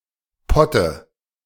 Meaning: dative singular of Pott
- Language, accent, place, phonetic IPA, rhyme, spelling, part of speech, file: German, Germany, Berlin, [ˈpɔtə], -ɔtə, Potte, noun, De-Potte.ogg